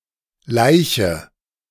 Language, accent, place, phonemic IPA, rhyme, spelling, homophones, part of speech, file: German, Germany, Berlin, /ˈlaɪ̯çə/, -aɪ̯çə, laiche, Leiche, verb, De-laiche.ogg
- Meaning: inflection of laichen: 1. first-person singular present 2. first/third-person singular subjunctive I 3. singular imperative